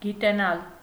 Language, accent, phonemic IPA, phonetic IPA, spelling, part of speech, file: Armenian, Eastern Armenian, /ɡiteˈnɑl/, [ɡitenɑ́l], գիտենալ, verb, Hy-գիտենալ.ogg
- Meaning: to know